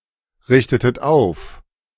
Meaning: inflection of aufrichten: 1. second-person plural preterite 2. second-person plural subjunctive II
- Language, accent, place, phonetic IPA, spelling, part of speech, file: German, Germany, Berlin, [ˌʁɪçtətət ˈaʊ̯f], richtetet auf, verb, De-richtetet auf.ogg